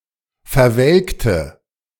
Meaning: inflection of verwelken: 1. first/third-person singular preterite 2. first/third-person singular subjunctive II
- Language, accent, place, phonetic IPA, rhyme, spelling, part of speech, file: German, Germany, Berlin, [fɛɐ̯ˈvɛlktə], -ɛlktə, verwelkte, adjective / verb, De-verwelkte.ogg